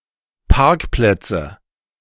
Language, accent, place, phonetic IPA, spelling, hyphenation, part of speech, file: German, Germany, Berlin, [ˈpaʁkplɛtsə], Parkplätze, Park‧plät‧ze, noun, De-Parkplätze.ogg
- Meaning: nominative/accusative/genitive plural of Parkplatz